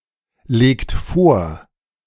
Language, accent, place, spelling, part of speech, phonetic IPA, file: German, Germany, Berlin, legt vor, verb, [ˌleːkt ˈfoːɐ̯], De-legt vor.ogg
- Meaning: inflection of vorlegen: 1. second-person plural present 2. third-person singular present 3. plural imperative